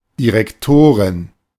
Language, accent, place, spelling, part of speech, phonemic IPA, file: German, Germany, Berlin, Direktorin, noun, /diʁɛkˈtoːʁɪn/, De-Direktorin.ogg
- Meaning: female equivalent of Direktor (“director, head, headmaster”)